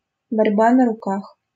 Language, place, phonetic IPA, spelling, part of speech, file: Russian, Saint Petersburg, [bɐrʲˈba nə‿rʊˈkax], борьба на руках, noun, LL-Q7737 (rus)-борьба на руках.wav
- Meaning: arm wrestling (a sport)